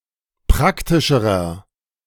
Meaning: inflection of praktisch: 1. strong/mixed nominative masculine singular comparative degree 2. strong genitive/dative feminine singular comparative degree 3. strong genitive plural comparative degree
- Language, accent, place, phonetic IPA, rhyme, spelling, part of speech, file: German, Germany, Berlin, [ˈpʁaktɪʃəʁɐ], -aktɪʃəʁɐ, praktischerer, adjective, De-praktischerer.ogg